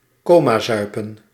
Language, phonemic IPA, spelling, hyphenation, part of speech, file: Dutch, /ˈkoːmaːˌzœy̯pə(n)/, comazuipen, co‧ma‧zui‧pen, verb, Nl-comazuipen.ogg
- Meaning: to binge drink to an excess leading to (normally unintentional) loss of consciousness (though not actual coma)